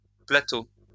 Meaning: plural of plateau
- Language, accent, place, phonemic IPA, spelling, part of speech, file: French, France, Lyon, /pla.to/, plateaux, noun, LL-Q150 (fra)-plateaux.wav